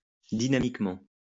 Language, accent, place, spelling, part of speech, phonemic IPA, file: French, France, Lyon, dynamiquement, adverb, /di.na.mik.mɑ̃/, LL-Q150 (fra)-dynamiquement.wav
- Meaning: dynamically